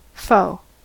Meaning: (adjective) Hostile; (noun) 1. An enemy 2. A unit of energy equal to 10⁴⁴ joules
- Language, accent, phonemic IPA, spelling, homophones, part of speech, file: English, US, /foʊ/, foe, faux, adjective / noun, En-us-foe.ogg